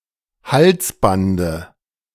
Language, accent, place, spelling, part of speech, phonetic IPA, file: German, Germany, Berlin, Halsbande, noun, [ˈhalsˌbandə], De-Halsbande.ogg
- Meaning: dative singular of Halsband